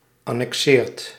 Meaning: inflection of annexeren: 1. second/third-person singular present indicative 2. plural imperative
- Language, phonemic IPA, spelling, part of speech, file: Dutch, /ˌɑnɛkˈsɪːrt/, annexeert, verb, Nl-annexeert.ogg